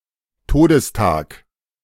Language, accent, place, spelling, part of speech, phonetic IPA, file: German, Germany, Berlin, Todestag, noun, [ˈtoːdəsˌtaːk], De-Todestag.ogg
- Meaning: 1. day of someone's death, date on which someone will die 2. anniversary of (someone's previous) death, deathday